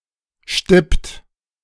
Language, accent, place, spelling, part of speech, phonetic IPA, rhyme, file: German, Germany, Berlin, stippt, verb, [ʃtɪpt], -ɪpt, De-stippt.ogg
- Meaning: inflection of stippen: 1. third-person singular present 2. second-person plural present 3. plural imperative